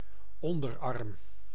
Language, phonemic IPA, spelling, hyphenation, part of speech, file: Dutch, /ˈɔndərɑrm/, onderarm, on‧der‧arm, noun, Nl-onderarm.ogg
- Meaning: forearm, lower half of the arm, from elbow to hand